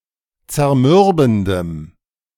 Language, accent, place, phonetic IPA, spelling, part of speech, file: German, Germany, Berlin, [t͡sɛɐ̯ˈmʏʁbn̩dəm], zermürbendem, adjective, De-zermürbendem.ogg
- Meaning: strong dative masculine/neuter singular of zermürbend